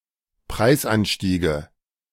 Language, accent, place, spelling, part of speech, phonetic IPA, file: German, Germany, Berlin, Preisanstiege, noun, [ˈpʁaɪ̯sˌʔanʃtiːɡə], De-Preisanstiege.ogg
- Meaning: nominative/accusative/genitive plural of Preisanstieg